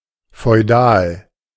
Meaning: feudal
- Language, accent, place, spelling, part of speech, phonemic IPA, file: German, Germany, Berlin, feudal, adjective, /fɔɪ̯ˈdaːl/, De-feudal.ogg